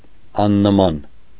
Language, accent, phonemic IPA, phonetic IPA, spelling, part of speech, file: Armenian, Eastern Armenian, /ɑnnəˈmɑn/, [ɑnːəmɑ́n], աննման, adjective / adverb, Hy-աննման.ogg
- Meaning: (adjective) 1. unlike, dissimilar, different 2. unmatched, inimitable, unparalleled, incomparable; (adverb) incomparably, matchlessly